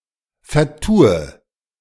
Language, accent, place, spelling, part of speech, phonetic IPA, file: German, Germany, Berlin, vertue, verb, [fɛɐ̯ˈtuːə], De-vertue.ogg
- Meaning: inflection of vertun: 1. first-person singular present 2. first/third-person singular subjunctive I 3. singular imperative